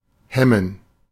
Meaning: 1. to check 2. to hinder, to hamper
- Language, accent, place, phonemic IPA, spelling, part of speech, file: German, Germany, Berlin, /ˈhɛmən/, hemmen, verb, De-hemmen.ogg